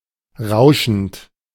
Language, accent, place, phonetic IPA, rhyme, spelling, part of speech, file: German, Germany, Berlin, [ˈʁaʊ̯ʃn̩t], -aʊ̯ʃn̩t, rauschend, verb, De-rauschend.ogg
- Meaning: present participle of rauschen